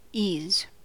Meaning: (noun) Lack of difficulty; the ability to do something easily
- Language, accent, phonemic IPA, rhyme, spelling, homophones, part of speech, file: English, US, /iz/, -iːz, ease, ees / E's / 'e's, noun / verb, En-us-ease.ogg